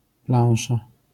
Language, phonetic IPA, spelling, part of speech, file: Polish, [ˈplãw̃ʃa], plansza, noun, LL-Q809 (pol)-plansza.wav